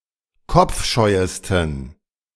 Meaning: 1. superlative degree of kopfscheu 2. inflection of kopfscheu: strong genitive masculine/neuter singular superlative degree
- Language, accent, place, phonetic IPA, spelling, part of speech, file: German, Germany, Berlin, [ˈkɔp͡fˌʃɔɪ̯əstn̩], kopfscheuesten, adjective, De-kopfscheuesten.ogg